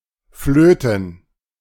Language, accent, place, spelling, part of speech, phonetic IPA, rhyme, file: German, Germany, Berlin, Flöten, noun, [ˈfløːtn̩], -øːtn̩, De-Flöten.ogg
- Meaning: plural of Flöte